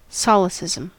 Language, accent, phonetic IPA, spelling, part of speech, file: English, US, [ˈsoʊlɨsɪzəm], solecism, noun, En-us-solecism.ogg
- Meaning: 1. An error or improper usage 2. An error or improper usage.: An error in the use of language